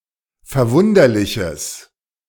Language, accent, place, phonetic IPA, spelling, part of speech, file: German, Germany, Berlin, [fɛɐ̯ˈvʊndɐlɪçəs], verwunderliches, adjective, De-verwunderliches.ogg
- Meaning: strong/mixed nominative/accusative neuter singular of verwunderlich